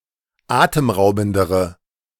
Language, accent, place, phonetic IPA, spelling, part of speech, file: German, Germany, Berlin, [ˈaːtəmˌʁaʊ̯bn̩dəʁə], atemraubendere, adjective, De-atemraubendere.ogg
- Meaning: inflection of atemraubend: 1. strong/mixed nominative/accusative feminine singular comparative degree 2. strong nominative/accusative plural comparative degree